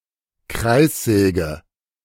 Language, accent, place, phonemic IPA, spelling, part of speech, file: German, Germany, Berlin, /ˈkʁaɪ̯sˌzɛːɡə/, Kreissäge, noun, De-Kreissäge.ogg
- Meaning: 1. circular saw 2. boater (flat round straw hat)